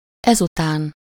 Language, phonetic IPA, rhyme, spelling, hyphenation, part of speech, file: Hungarian, [ˈɛzutaːn], -aːn, ezután, ez‧után, adverb, Hu-ezután.ogg
- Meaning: thereupon, after this, then, next, later